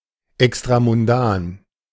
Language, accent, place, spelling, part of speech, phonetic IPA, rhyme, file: German, Germany, Berlin, extramundan, adjective, [ɛkstʁamʊnˈdaːn], -aːn, De-extramundan.ogg
- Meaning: extramundane